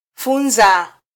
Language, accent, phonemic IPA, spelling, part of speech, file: Swahili, Kenya, /ˈfu.ⁿzɑ/, funza, verb / noun, Sw-ke-funza.flac
- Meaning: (verb) 1. to educate, teach 2. to learn; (noun) 1. jigger, flea 2. worm, grub, maggot, larva